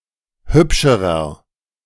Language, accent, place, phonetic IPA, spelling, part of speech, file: German, Germany, Berlin, [ˈhʏpʃəʁɐ], hübscherer, adjective, De-hübscherer.ogg
- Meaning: inflection of hübsch: 1. strong/mixed nominative masculine singular comparative degree 2. strong genitive/dative feminine singular comparative degree 3. strong genitive plural comparative degree